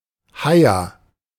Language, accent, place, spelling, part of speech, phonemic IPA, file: German, Germany, Berlin, Heia, noun, /ˈhaɪ̯a/, De-Heia.ogg
- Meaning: bed or sleep; beddy-bye